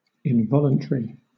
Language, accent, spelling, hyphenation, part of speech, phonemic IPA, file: English, Southern England, involuntary, in‧vol‧un‧ta‧ry, adjective, /ɪnˈvɒl.ən.tɹi/, LL-Q1860 (eng)-involuntary.wav
- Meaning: 1. Without intention; unintentional 2. Not voluntary or willing; contrary or opposed to explicit will or desire; unwilling